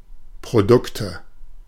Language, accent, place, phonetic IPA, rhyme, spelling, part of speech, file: German, Germany, Berlin, [pʁoˈdʊktə], -ʊktə, Produkte, noun, De-Produkte.ogg
- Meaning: nominative/accusative/genitive plural of Produkt